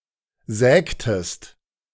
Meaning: inflection of sägen: 1. second-person singular preterite 2. second-person singular subjunctive II
- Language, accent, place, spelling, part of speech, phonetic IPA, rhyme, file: German, Germany, Berlin, sägtest, verb, [ˈzɛːktəst], -ɛːktəst, De-sägtest.ogg